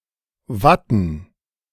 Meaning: 1. A card game for four people, played in Bavaria, Austria, South Tyrol and Switzerland 2. plural of Watte
- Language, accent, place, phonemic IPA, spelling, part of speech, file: German, Germany, Berlin, /ˈvatn̩/, Watten, noun, De-Watten.ogg